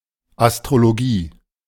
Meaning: astrology
- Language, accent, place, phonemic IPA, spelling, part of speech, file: German, Germany, Berlin, /astʁoloˈɡiː/, Astrologie, noun, De-Astrologie.ogg